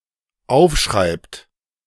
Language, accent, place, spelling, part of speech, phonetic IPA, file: German, Germany, Berlin, aufschreibt, verb, [ˈaʊ̯fˌʃʁaɪ̯pt], De-aufschreibt.ogg
- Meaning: inflection of aufschreiben: 1. third-person singular dependent present 2. second-person plural dependent present